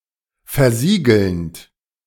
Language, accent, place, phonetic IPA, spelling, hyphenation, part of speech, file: German, Germany, Berlin, [fɛɐ̯ˈziːɡəlnt], versiegelnd, ver‧sie‧gelnd, verb, De-versiegelnd.ogg
- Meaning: present participle of versiegeln